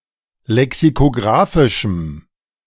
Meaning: strong dative masculine/neuter singular of lexikographisch
- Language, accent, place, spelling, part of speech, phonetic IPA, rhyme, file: German, Germany, Berlin, lexikographischem, adjective, [lɛksikoˈɡʁaːfɪʃm̩], -aːfɪʃm̩, De-lexikographischem.ogg